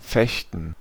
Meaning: gerund of fechten; fencing
- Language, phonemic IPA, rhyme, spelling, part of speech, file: German, /ˈfɛçtn̩/, -ɛçtn̩, Fechten, noun, De-Fechten.ogg